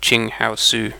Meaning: The drug artemisinin
- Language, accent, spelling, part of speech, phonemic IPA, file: English, UK, qinghaosu, noun, /ˌt͡ʃɪŋhaʊˈsuː/, En-uk-qinghaosu.ogg